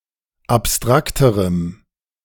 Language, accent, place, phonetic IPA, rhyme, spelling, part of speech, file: German, Germany, Berlin, [apˈstʁaktəʁəm], -aktəʁəm, abstrakterem, adjective, De-abstrakterem.ogg
- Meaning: strong dative masculine/neuter singular comparative degree of abstrakt